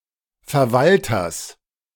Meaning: genitive of Verwalter
- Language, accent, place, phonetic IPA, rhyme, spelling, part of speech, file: German, Germany, Berlin, [fɛɐ̯ˈvaltɐs], -altɐs, Verwalters, noun, De-Verwalters.ogg